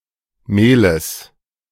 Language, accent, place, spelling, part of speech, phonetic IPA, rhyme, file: German, Germany, Berlin, Mehles, noun, [ˈmeːləs], -eːləs, De-Mehles.ogg
- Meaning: genitive singular of Mehl